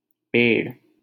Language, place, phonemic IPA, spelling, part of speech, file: Hindi, Delhi, /peːɽ/, पेड़, noun, LL-Q1568 (hin)-पेड़.wav
- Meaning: 1. tree, shrub, plant 2. a lump, round mass